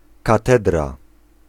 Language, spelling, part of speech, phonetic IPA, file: Polish, katedra, noun, [kaˈtɛdra], Pl-katedra.ogg